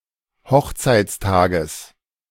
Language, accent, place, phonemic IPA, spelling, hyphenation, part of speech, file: German, Germany, Berlin, /ˈhɔxt͡saɪ̯t͡sˌtaːɡəs/, Hochzeitstages, Hoch‧zeits‧ta‧ges, noun, De-Hochzeitstages.ogg
- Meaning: genitive singular of Hochzeitstag